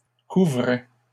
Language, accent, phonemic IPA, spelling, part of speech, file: French, Canada, /ku.vʁɛ/, couvrait, verb, LL-Q150 (fra)-couvrait.wav
- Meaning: third-person singular imperfect indicative of couvrir